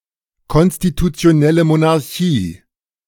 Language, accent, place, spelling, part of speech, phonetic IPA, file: German, Germany, Berlin, konstitutionelle Monarchie, phrase, [ˌkɔnstitut͡si̯oˈnɛlə monaʁˈçiː], De-konstitutionelle Monarchie.ogg
- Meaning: constitutional monarchy (monarchy in which the monarch's power is limited by a codified or uncodified constitution)